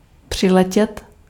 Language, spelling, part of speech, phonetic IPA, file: Czech, přiletět, verb, [ˈpr̝̊ɪlɛcɛt], Cs-přiletět.ogg
- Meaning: to arrive (by plane)